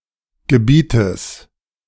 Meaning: genitive singular of Gebiet
- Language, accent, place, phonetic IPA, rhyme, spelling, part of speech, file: German, Germany, Berlin, [ɡəˈbiːtəs], -iːtəs, Gebietes, noun, De-Gebietes.ogg